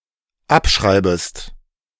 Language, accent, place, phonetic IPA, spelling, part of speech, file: German, Germany, Berlin, [ˈapˌʃʁaɪ̯bəst], abschreibest, verb, De-abschreibest.ogg
- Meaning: second-person singular dependent subjunctive I of abschreiben